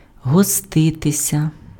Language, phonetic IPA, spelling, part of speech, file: Ukrainian, [ɦɔˈstɪtesʲɐ], гоститися, verb, Uk-гоститися.ogg
- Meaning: to make oneself at home, to party